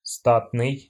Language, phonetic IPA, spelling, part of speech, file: Russian, [ˈstatnɨj], статный, adjective, Ru-ста́тный.ogg
- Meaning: stately